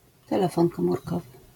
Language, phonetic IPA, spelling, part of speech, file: Polish, [tɛˈlɛfɔ̃ŋ ˌkɔ̃murˈkɔvɨ], telefon komórkowy, noun, LL-Q809 (pol)-telefon komórkowy.wav